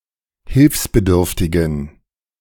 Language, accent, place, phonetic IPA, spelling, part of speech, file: German, Germany, Berlin, [ˈhɪlfsbəˌdʏʁftɪɡn̩], hilfsbedürftigen, adjective, De-hilfsbedürftigen.ogg
- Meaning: inflection of hilfsbedürftig: 1. strong genitive masculine/neuter singular 2. weak/mixed genitive/dative all-gender singular 3. strong/weak/mixed accusative masculine singular 4. strong dative plural